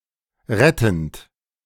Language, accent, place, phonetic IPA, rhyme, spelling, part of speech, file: German, Germany, Berlin, [ˈʁɛtn̩t], -ɛtn̩t, rettend, verb, De-rettend.ogg
- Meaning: present participle of retten